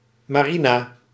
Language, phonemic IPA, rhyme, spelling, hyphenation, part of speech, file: Dutch, /ˌmaːˈri.naː/, -inaː, marina, ma‧ri‧na, noun, Nl-marina.ogg
- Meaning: common, ordinary girl (often with a pejorative meaning)